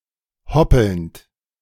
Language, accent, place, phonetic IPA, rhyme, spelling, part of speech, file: German, Germany, Berlin, [ˈhɔpl̩nt], -ɔpl̩nt, hoppelnd, verb, De-hoppelnd.ogg
- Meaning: present participle of hoppeln